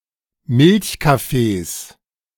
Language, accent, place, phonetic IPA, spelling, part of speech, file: German, Germany, Berlin, [ˈmɪlçkafeːs], Milchkaffees, noun, De-Milchkaffees.ogg
- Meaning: plural of Milchkaffee